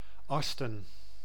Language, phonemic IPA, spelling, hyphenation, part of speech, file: Dutch, /ˈɑs.tə(n)/, Asten, As‧ten, proper noun, Nl-Asten.ogg
- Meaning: Asten (a village and municipality of North Brabant, Netherlands)